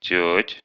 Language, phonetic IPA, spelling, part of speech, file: Russian, [tʲɵtʲ], тёть, noun, Ru-тёть.ogg
- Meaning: inflection of тётя (tjótja): 1. genitive/accusative plural 2. vocative singular